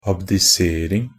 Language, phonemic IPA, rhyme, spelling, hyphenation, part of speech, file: Norwegian Bokmål, /abdɪˈseːrɪŋ/, -ɪŋ, abdisering, ab‧di‧ser‧ing, noun, NB - Pronunciation of Norwegian Bokmål «abdisering».ogg
- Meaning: the act of abdicating